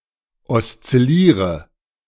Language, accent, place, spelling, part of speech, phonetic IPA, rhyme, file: German, Germany, Berlin, oszilliere, verb, [ɔst͡sɪˈliːʁə], -iːʁə, De-oszilliere.ogg
- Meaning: inflection of oszillieren: 1. first-person singular present 2. singular imperative 3. first/third-person singular subjunctive I